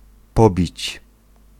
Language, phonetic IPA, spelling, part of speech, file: Polish, [ˈpɔbʲit͡ɕ], pobić, verb, Pl-pobić.ogg